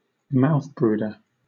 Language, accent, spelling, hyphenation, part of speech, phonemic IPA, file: English, Southern England, mouthbrooder, mouth‧brood‧er, noun, /ˈmaʊθbɹuːdə/, LL-Q1860 (eng)-mouthbrooder.wav
- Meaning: Any animal that cares for its offspring, either eggs or juveniles, by holding them in its mouth for extended periods of time